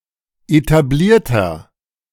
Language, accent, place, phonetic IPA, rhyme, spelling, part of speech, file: German, Germany, Berlin, [etaˈbliːɐ̯tɐ], -iːɐ̯tɐ, etablierter, adjective, De-etablierter.ogg
- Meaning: 1. comparative degree of etabliert 2. inflection of etabliert: strong/mixed nominative masculine singular 3. inflection of etabliert: strong genitive/dative feminine singular